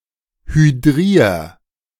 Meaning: 1. singular imperative of hydrieren 2. first-person singular present of hydrieren
- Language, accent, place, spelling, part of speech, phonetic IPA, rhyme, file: German, Germany, Berlin, hydrier, verb, [hyˈdʁiːɐ̯], -iːɐ̯, De-hydrier.ogg